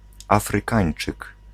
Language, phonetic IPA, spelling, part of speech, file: Polish, [ˌafrɨˈkãj̃n͇t͡ʃɨk], Afrykańczyk, noun, Pl-Afrykańczyk.ogg